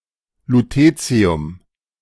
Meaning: lutetium
- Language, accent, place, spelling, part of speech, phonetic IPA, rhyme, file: German, Germany, Berlin, Lutetium, noun, [luˈteːt͡si̯ʊm], -eːt͡si̯ʊm, De-Lutetium.ogg